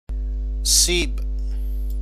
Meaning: apple
- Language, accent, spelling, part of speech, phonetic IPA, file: Persian, Iran, سیب, noun, [siːb̥], Fa-سیب.ogg